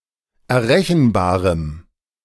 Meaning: strong dative masculine/neuter singular of errechenbar
- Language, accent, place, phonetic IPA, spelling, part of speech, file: German, Germany, Berlin, [ɛɐ̯ˈʁɛçn̩ˌbaːʁəm], errechenbarem, adjective, De-errechenbarem.ogg